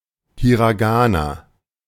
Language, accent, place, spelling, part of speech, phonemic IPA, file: German, Germany, Berlin, Hiragana, noun, /hiʁaˈɡaːna/, De-Hiragana.ogg
- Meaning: hiragana (Japanese syllabary)